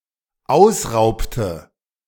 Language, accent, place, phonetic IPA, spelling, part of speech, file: German, Germany, Berlin, [ˈaʊ̯sˌʁaʊ̯ptə], ausraubte, verb, De-ausraubte.ogg
- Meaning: inflection of ausrauben: 1. first/third-person singular dependent preterite 2. first/third-person singular dependent subjunctive II